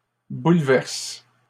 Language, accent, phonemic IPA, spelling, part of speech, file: French, Canada, /bul.vɛʁs/, bouleverses, verb, LL-Q150 (fra)-bouleverses.wav
- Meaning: second-person singular present indicative/subjunctive of bouleverser